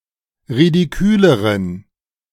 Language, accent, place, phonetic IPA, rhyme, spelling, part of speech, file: German, Germany, Berlin, [ʁidiˈkyːləʁən], -yːləʁən, ridiküleren, adjective, De-ridiküleren.ogg
- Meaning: inflection of ridikül: 1. strong genitive masculine/neuter singular comparative degree 2. weak/mixed genitive/dative all-gender singular comparative degree